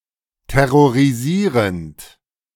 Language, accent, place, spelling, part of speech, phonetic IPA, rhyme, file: German, Germany, Berlin, terrorisierend, verb, [tɛʁoʁiˈziːʁənt], -iːʁənt, De-terrorisierend.ogg
- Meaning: present participle of terrorisieren